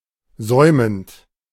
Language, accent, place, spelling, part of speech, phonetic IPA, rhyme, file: German, Germany, Berlin, säumend, verb, [ˈzɔɪ̯mənt], -ɔɪ̯mənt, De-säumend.ogg
- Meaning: present participle of säumen